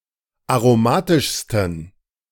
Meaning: 1. superlative degree of aromatisch 2. inflection of aromatisch: strong genitive masculine/neuter singular superlative degree
- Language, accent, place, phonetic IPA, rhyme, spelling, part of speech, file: German, Germany, Berlin, [aʁoˈmaːtɪʃstn̩], -aːtɪʃstn̩, aromatischsten, adjective, De-aromatischsten.ogg